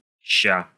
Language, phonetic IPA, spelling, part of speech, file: Russian, [ɕːa], ща, noun / adverb / interjection, Ru-ща.ogg
- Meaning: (noun) The Cyrillic letter Щ, щ; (adverb) contraction of сейча́с (sejčás, “now”); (interjection) hold on, one sec, wait